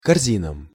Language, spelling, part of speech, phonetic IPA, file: Russian, корзинам, noun, [kɐrˈzʲinəm], Ru-корзинам.ogg
- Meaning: dative plural of корзи́на (korzína)